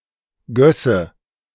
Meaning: first/third-person singular subjunctive II of gießen
- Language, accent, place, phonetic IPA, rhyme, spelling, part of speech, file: German, Germany, Berlin, [ˈɡœsə], -œsə, gösse, verb, De-gösse.ogg